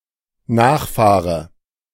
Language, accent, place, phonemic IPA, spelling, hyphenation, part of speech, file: German, Germany, Berlin, /ˈnaːχˌfaːʁə/, Nachfahre, Nach‧fah‧re, noun, De-Nachfahre.ogg
- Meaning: 1. descendant 2. scion